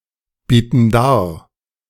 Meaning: inflection of darbieten: 1. first/third-person plural present 2. first/third-person plural subjunctive I
- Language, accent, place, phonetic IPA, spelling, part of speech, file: German, Germany, Berlin, [ˌbiːtn̩ ˈdaːɐ̯], bieten dar, verb, De-bieten dar.ogg